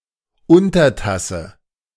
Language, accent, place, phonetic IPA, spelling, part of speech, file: German, Germany, Berlin, [ˈʊntɐˌtasə], Untertasse, noun, De-Untertasse.ogg
- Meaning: saucer